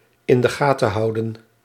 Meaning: 1. to keep an eye on 2. to remember, to keep in mind
- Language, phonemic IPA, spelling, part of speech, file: Dutch, /ɪn də ˈɣaː.tə(n)ˈɦɑu̯.də(n)/, in de gaten houden, verb, Nl-in de gaten houden.ogg